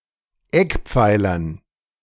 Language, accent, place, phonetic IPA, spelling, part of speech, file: German, Germany, Berlin, [ˈɛkˌp͡faɪ̯lɐn], Eckpfeilern, noun, De-Eckpfeilern.ogg
- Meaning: dative plural of Eckpfeiler